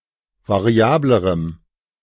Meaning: strong dative masculine/neuter singular comparative degree of variabel
- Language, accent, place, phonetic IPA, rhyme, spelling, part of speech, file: German, Germany, Berlin, [vaˈʁi̯aːbləʁəm], -aːbləʁəm, variablerem, adjective, De-variablerem.ogg